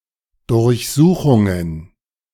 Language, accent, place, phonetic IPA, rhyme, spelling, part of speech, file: German, Germany, Berlin, [dʊʁçˈzuːxʊŋən], -uːxʊŋən, Durchsuchungen, noun, De-Durchsuchungen.ogg
- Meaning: plural of Durchsuchung